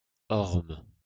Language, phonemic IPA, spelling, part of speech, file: French, /ɔʁm/, orme, noun, LL-Q150 (fra)-orme.wav
- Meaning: elm